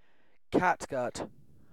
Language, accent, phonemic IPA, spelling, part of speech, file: English, UK, /ˈkætˌɡʌt/, catgut, noun, En-uk-catgut.ogg
- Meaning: 1. A cord of great toughness made from the intestines of animals, especially of sheep, used for strings of musical instruments, racquets, sutures etc 2. The material from which such cords are made